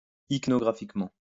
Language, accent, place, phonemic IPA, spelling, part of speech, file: French, France, Lyon, /ik.nɔ.ɡʁa.fik.mɑ̃/, ichnographiquement, adverb, LL-Q150 (fra)-ichnographiquement.wav
- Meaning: ichnographically